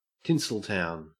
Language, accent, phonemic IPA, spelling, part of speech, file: English, Australia, /ˈtɪn.səlˌtaʊn/, Tinseltown, proper noun / noun, En-au-Tinseltown.ogg
- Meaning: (proper noun) 1. Nickname for Hollywood: a district of Los Angeles, California, United States 2. The movie industry, as found in Hollywood, and Greater Los Angeles, CA, US